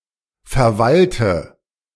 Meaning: inflection of verwalten: 1. first-person singular present 2. singular imperative 3. first/third-person singular subjunctive I
- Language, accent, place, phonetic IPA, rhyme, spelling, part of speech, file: German, Germany, Berlin, [fɛɐ̯ˈvaltə], -altə, verwalte, verb, De-verwalte.ogg